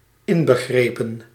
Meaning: included
- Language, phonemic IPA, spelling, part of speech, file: Dutch, /ˈɪnbəɣrepən/, inbegrepen, adjective, Nl-inbegrepen.ogg